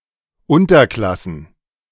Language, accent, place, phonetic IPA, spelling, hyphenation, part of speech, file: German, Germany, Berlin, [ˈʊntɐˌklasn̩], Unterklassen, Un‧ter‧klas‧sen, noun, De-Unterklassen.ogg
- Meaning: plural of Unterklasse